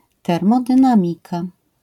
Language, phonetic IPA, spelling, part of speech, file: Polish, [ˌtɛrmɔdɨ̃ˈnãmʲika], termodynamika, noun, LL-Q809 (pol)-termodynamika.wav